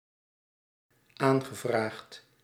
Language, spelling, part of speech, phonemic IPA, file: Dutch, aangevraagd, verb, /ˈaŋɣəˌvraxt/, Nl-aangevraagd.ogg
- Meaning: past participle of aanvragen